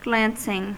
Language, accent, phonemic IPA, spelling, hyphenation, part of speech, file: English, US, /ˈɡlæn.sɪŋ/, glancing, glan‧cing, verb / adjective / noun, En-us-glancing.ogg
- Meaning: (verb) present participle and gerund of glance; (adjective) Making superficial, obtuse contact with something; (noun) A sideways look; a glance